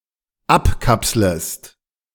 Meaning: second-person singular dependent subjunctive I of abkapseln
- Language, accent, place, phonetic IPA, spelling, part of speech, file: German, Germany, Berlin, [ˈapˌkapsləst], abkapslest, verb, De-abkapslest.ogg